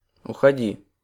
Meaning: second-person singular imperative imperfective/perfective of уходи́ть (uxodítʹ)
- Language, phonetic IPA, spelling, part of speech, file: Russian, [ʊxɐˈdʲi], уходи, verb, Ru-уходи.ogg